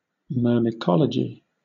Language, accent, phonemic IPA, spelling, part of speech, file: English, Southern England, /ˌmɜː(ɹ)mɪˈkɒləd͡ʒi/, myrmecology, noun, LL-Q1860 (eng)-myrmecology.wav
- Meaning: The study of ants